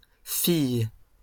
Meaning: plural of fille
- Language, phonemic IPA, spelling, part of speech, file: French, /fij/, filles, noun, LL-Q150 (fra)-filles.wav